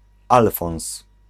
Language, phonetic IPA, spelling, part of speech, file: Polish, [ˈalfɔ̃w̃s], alfons, noun, Pl-alfons.ogg